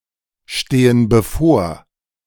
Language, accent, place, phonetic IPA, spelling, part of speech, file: German, Germany, Berlin, [ˌʃteːən bəˈfoːɐ̯], stehen bevor, verb, De-stehen bevor.ogg
- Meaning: inflection of bevorstehen: 1. first/third-person plural present 2. first/third-person plural subjunctive I